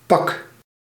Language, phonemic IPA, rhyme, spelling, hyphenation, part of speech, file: Dutch, /pɑk/, -ɑk, pak, pak, noun / verb, Nl-pak.ogg
- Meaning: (noun) 1. package 2. suit (set of clothes); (verb) inflection of pakken: 1. first-person singular present indicative 2. second-person singular present indicative 3. imperative